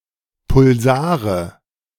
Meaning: nominative/accusative/genitive plural of Pulsar
- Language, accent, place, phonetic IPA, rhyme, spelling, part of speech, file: German, Germany, Berlin, [pʊlˈzaːʁə], -aːʁə, Pulsare, noun, De-Pulsare.ogg